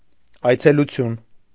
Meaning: visit
- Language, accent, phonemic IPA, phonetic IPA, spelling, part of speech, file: Armenian, Eastern Armenian, /ɑjt͡sʰeluˈtʰjun/, [ɑjt͡sʰelut͡sʰjún], այցելություն, noun, Hy-այցելություն.ogg